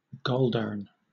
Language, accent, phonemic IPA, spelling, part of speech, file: English, Southern England, /ˈɡɒldɜː(ɹ)n/, goldurn, adjective / adverb / interjection, LL-Q1860 (eng)-goldurn.wav
- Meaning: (adjective) Goddamn